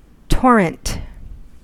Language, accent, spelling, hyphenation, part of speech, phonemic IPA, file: English, US, torrent, tor‧rent, noun / adjective / verb, /ˈtoɹənt/, En-us-torrent.ogg
- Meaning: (noun) 1. A violent flow, as of water, lava, etc.; a stream suddenly raised and running rapidly, as down a precipice 2. A large amount or stream of something